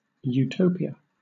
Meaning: A world in which everything and everyone works in perfect harmony
- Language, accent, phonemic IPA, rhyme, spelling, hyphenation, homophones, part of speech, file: English, Southern England, /juːˈtəʊ.pi.ə/, -əʊpiə, utopia, u‧to‧pi‧a, eutopia, noun, LL-Q1860 (eng)-utopia.wav